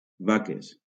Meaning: plural of vaca
- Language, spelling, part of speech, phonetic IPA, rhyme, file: Catalan, vaques, noun, [ˈva.kes], -akes, LL-Q7026 (cat)-vaques.wav